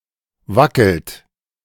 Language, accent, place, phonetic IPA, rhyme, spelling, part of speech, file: German, Germany, Berlin, [ˈvakl̩t], -akl̩t, wackelt, verb, De-wackelt.ogg
- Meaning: inflection of wackeln: 1. third-person singular present 2. second-person plural present 3. plural imperative